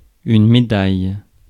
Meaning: medal
- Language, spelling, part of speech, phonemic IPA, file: French, médaille, noun, /me.daj/, Fr-médaille.ogg